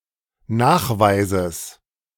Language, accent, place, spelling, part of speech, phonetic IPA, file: German, Germany, Berlin, Nachweises, noun, [ˈnaːxˌvaɪ̯zəs], De-Nachweises.ogg
- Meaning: genitive singular of Nachweis